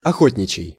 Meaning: 1. hunting 2. hunter's
- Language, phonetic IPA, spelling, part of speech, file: Russian, [ɐˈxotʲnʲɪt͡ɕɪj], охотничий, adjective, Ru-охотничий.ogg